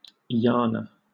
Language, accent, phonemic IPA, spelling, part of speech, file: English, Southern England, /ˈjɑː.nə/, yana, noun, LL-Q1860 (eng)-yana.wav
- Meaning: Any of the vehicles of Buddhist or Tantric practice